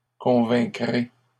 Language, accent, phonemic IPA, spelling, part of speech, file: French, Canada, /kɔ̃.vɛ̃.kʁe/, convaincrez, verb, LL-Q150 (fra)-convaincrez.wav
- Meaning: second-person plural future of convaincre